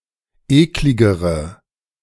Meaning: inflection of eklig: 1. strong/mixed nominative/accusative feminine singular comparative degree 2. strong nominative/accusative plural comparative degree
- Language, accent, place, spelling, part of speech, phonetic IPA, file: German, Germany, Berlin, ekligere, adjective, [ˈeːklɪɡəʁə], De-ekligere.ogg